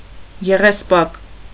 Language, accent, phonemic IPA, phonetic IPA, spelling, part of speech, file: Armenian, Eastern Armenian, /jeʁesˈpɑk/, [jeʁespɑ́k], եղեսպակ, noun, Hy-եղեսպակ.ogg
- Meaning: sage, Salvia: 1. Salvia caespitosa 2. common sage, Salvia officinalis